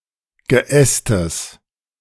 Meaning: genitive singular of Geäst
- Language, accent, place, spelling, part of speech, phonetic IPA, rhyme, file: German, Germany, Berlin, Geästes, noun, [ɡəˈʔɛstəs], -ɛstəs, De-Geästes.ogg